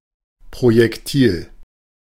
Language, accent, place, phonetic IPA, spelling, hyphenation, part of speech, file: German, Germany, Berlin, [ˌpʁojɛkˈtiːl], Projektil, Pro‧jek‧til, noun, De-Projektil.ogg
- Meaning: projectile, bullet